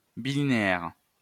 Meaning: bilinear
- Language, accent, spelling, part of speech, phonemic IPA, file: French, France, bilinéaire, adjective, /bi.li.ne.ɛʁ/, LL-Q150 (fra)-bilinéaire.wav